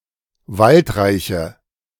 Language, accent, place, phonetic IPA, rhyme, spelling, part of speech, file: German, Germany, Berlin, [ˈvaltˌʁaɪ̯çə], -altʁaɪ̯çə, waldreiche, adjective, De-waldreiche.ogg
- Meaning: inflection of waldreich: 1. strong/mixed nominative/accusative feminine singular 2. strong nominative/accusative plural 3. weak nominative all-gender singular